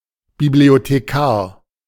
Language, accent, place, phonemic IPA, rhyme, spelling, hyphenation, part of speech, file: German, Germany, Berlin, /biblioteˌkaːɐ̯/, -aːɐ̯, Bibliothekar, Bi‧b‧lio‧the‧kar, noun, De-Bibliothekar.ogg
- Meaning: librarian (male or of unspecified gender)